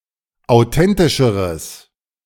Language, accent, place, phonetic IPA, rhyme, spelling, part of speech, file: German, Germany, Berlin, [aʊ̯ˈtɛntɪʃəʁəs], -ɛntɪʃəʁəs, authentischeres, adjective, De-authentischeres.ogg
- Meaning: strong/mixed nominative/accusative neuter singular comparative degree of authentisch